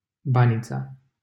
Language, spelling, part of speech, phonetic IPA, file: Romanian, Banița, proper noun, [ˈba.nʲ.t͡sa], LL-Q7913 (ron)-Banița.wav
- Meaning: a village in Săgeata, Buzău County, Romania